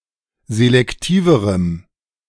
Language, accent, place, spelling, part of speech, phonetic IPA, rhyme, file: German, Germany, Berlin, selektiverem, adjective, [zelɛkˈtiːvəʁəm], -iːvəʁəm, De-selektiverem.ogg
- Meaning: strong dative masculine/neuter singular comparative degree of selektiv